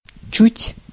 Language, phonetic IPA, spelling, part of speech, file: Russian, [t͡ɕʉtʲ], чуть, adverb, Ru-чуть.ogg
- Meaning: 1. a little, slightly 2. hardly, barely 3. almost, nearly